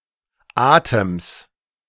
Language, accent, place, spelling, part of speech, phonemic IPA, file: German, Germany, Berlin, Atems, noun, /ˈʔaːtəms/, De-Atems.ogg
- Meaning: genitive singular of Atem